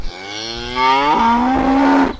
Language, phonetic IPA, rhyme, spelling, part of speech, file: Bulgarian, [muk], -uk, мук, noun, Mudchute cow 1.ogg
- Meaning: moo (call of ungulates, typically cows or deer)